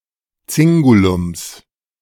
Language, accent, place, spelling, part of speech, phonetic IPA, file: German, Germany, Berlin, Zingulums, noun, [ˈt͡sɪŋɡulʊms], De-Zingulums.ogg
- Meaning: 1. genitive singular of Zingulum 2. plural of Zingulum